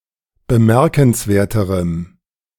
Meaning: strong dative masculine/neuter singular comparative degree of bemerkenswert
- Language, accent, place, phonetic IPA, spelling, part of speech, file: German, Germany, Berlin, [bəˈmɛʁkn̩sˌveːɐ̯təʁəm], bemerkenswerterem, adjective, De-bemerkenswerterem.ogg